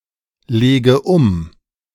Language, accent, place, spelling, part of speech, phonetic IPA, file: German, Germany, Berlin, lege um, verb, [ˌleːɡə ˈʊm], De-lege um.ogg
- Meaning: inflection of umlegen: 1. first-person singular present 2. first/third-person singular subjunctive I 3. singular imperative